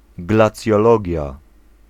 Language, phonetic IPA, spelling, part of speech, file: Polish, [ˌɡlat͡sʲjɔˈlɔɟja], glacjologia, noun, Pl-glacjologia.ogg